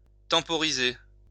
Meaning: to temporize, stall
- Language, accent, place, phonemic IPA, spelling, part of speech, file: French, France, Lyon, /tɑ̃.pɔ.ʁi.ze/, temporiser, verb, LL-Q150 (fra)-temporiser.wav